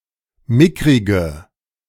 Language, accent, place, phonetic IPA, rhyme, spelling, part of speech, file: German, Germany, Berlin, [ˈmɪkʁɪɡə], -ɪkʁɪɡə, mickrige, adjective, De-mickrige.ogg
- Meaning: inflection of mickrig: 1. strong/mixed nominative/accusative feminine singular 2. strong nominative/accusative plural 3. weak nominative all-gender singular 4. weak accusative feminine/neuter singular